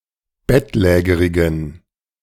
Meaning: inflection of bettlägerig: 1. strong genitive masculine/neuter singular 2. weak/mixed genitive/dative all-gender singular 3. strong/weak/mixed accusative masculine singular 4. strong dative plural
- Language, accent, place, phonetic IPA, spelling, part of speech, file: German, Germany, Berlin, [ˈbɛtˌlɛːɡəʁɪɡn̩], bettlägerigen, adjective, De-bettlägerigen.ogg